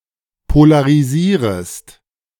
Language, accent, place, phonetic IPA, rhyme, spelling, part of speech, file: German, Germany, Berlin, [polaʁiˈziːʁəst], -iːʁəst, polarisierest, verb, De-polarisierest.ogg
- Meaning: second-person singular subjunctive I of polarisieren